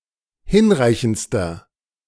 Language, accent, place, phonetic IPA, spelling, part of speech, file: German, Germany, Berlin, [ˈhɪnˌʁaɪ̯çn̩t͡stɐ], hinreichendster, adjective, De-hinreichendster.ogg
- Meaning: inflection of hinreichend: 1. strong/mixed nominative masculine singular superlative degree 2. strong genitive/dative feminine singular superlative degree 3. strong genitive plural superlative degree